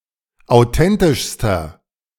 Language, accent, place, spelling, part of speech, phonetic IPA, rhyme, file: German, Germany, Berlin, authentischster, adjective, [aʊ̯ˈtɛntɪʃstɐ], -ɛntɪʃstɐ, De-authentischster.ogg
- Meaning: inflection of authentisch: 1. strong/mixed nominative masculine singular superlative degree 2. strong genitive/dative feminine singular superlative degree 3. strong genitive plural superlative degree